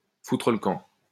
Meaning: 1. to fuck off, GTFO; to get the hell out; to get out of here; to bugger off; to get stuffed; to sling one's hook 2. to unravel, collapse
- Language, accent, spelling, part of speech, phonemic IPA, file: French, France, foutre le camp, verb, /fu.tʁə l(ə) kɑ̃/, LL-Q150 (fra)-foutre le camp.wav